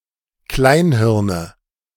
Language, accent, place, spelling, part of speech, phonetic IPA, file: German, Germany, Berlin, Kleinhirne, noun, [ˈklaɪ̯nˌhɪʁnə], De-Kleinhirne.ogg
- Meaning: nominative/accusative/genitive plural of Kleinhirn